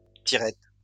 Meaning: 1. cord (for opening/closing curtains, etc.) 2. zipper, zip fastener
- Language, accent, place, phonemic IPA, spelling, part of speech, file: French, France, Lyon, /ti.ʁɛt/, tirette, noun, LL-Q150 (fra)-tirette.wav